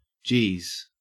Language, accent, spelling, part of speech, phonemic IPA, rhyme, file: English, Australia, geez, interjection, /d͡ʒiːz/, -iːz, En-au-geez.ogg
- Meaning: An exclamation denoting surprise or frustration